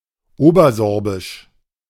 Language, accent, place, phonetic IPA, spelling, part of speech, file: German, Germany, Berlin, [ˈoːbɐˌzɔʁbɪʃ], obersorbisch, adjective, De-obersorbisch.ogg
- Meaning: Upper Sorbian (related to Upper Lusitia, to its people or to the Upper Sorbian language)